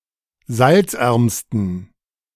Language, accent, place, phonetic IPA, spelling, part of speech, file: German, Germany, Berlin, [ˈzalt͡sˌʔɛʁmstn̩], salzärmsten, adjective, De-salzärmsten.ogg
- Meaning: superlative degree of salzarm